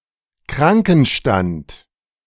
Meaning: sick leave
- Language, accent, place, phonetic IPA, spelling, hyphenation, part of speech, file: German, Germany, Berlin, [ˈkʁaŋkn̩ʃtant], Krankenstand, Kran‧ken‧stand, noun, De-Krankenstand.ogg